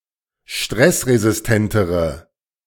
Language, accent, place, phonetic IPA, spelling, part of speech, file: German, Germany, Berlin, [ˈʃtʁɛsʁezɪsˌtɛntəʁə], stressresistentere, adjective, De-stressresistentere.ogg
- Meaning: inflection of stressresistent: 1. strong/mixed nominative/accusative feminine singular comparative degree 2. strong nominative/accusative plural comparative degree